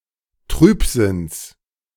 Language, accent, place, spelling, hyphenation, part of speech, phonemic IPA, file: German, Germany, Berlin, Trübsinns, Trüb‧sinns, noun, /ˈtʁyːpˌzɪns/, De-Trübsinns.ogg
- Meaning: genitive singular of Trübsinn